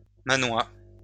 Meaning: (noun) Manx (language); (adjective) of the Isle of Man
- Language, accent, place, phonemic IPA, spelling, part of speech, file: French, France, Lyon, /ma.nwa/, mannois, noun / adjective, LL-Q150 (fra)-mannois.wav